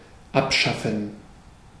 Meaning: to abolish, to annul, to discontinue, to get rid of
- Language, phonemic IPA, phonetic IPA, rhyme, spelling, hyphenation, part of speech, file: German, /ˈapˌʃafən/, [ˈʔapˌʃafn̩], -afn̩, abschaffen, ab‧schaf‧fen, verb, De-abschaffen.ogg